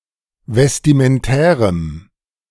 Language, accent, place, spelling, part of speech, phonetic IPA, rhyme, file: German, Germany, Berlin, vestimentärem, adjective, [vɛstimənˈtɛːʁəm], -ɛːʁəm, De-vestimentärem.ogg
- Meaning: strong dative masculine/neuter singular of vestimentär